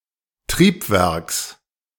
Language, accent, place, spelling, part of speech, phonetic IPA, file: German, Germany, Berlin, Triebwerks, noun, [ˈtʁiːpˌvɛʁks], De-Triebwerks.ogg
- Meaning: genitive singular of Triebwerk